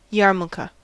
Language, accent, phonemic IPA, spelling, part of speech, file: English, US, /ˈjɑ(ɹ)mə(l)kə/, yarmulke, noun, En-us-yarmulke.ogg
- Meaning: A skullcap worn by religious Jewish males (especially during prayer)